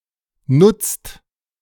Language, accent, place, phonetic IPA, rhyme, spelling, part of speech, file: German, Germany, Berlin, [nʊt͡st], -ʊt͡st, nutzt, verb, De-nutzt.ogg
- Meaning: inflection of nutzen: 1. second/third-person singular present 2. second-person plural present 3. plural imperative